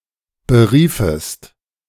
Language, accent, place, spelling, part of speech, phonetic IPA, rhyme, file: German, Germany, Berlin, beriefest, verb, [bəˈʁiːfəst], -iːfəst, De-beriefest.ogg
- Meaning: second-person singular subjunctive II of berufen